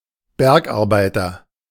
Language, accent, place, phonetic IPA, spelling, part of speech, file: German, Germany, Berlin, [ˈbɛʁkʔaʁˌbaɪ̯tɐ], Bergarbeiter, noun, De-Bergarbeiter.ogg
- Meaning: miner